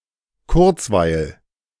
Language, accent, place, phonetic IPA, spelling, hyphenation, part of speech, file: German, Germany, Berlin, [ˈkʊʁt͡svaɪ̯l], Kurzweil, Kurz‧weil, noun, De-Kurzweil.ogg
- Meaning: amusement, diversion, pastime (light pleasant entertainment)